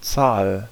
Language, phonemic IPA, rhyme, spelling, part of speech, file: German, /tsaːl/, -aːl, Zahl, noun, De-Zahl.ogg
- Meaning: 1. number, numeral, figure 2. tails (side of a coin)